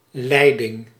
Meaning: 1. lead (act of leading), control 2. leadership, direction 3. pipe, pipeline
- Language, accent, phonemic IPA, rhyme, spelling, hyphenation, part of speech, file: Dutch, Netherlands, /ˈlɛi̯.dɪŋ/, -ɛi̯dɪŋ, leiding, lei‧ding, noun, Nl-leiding.ogg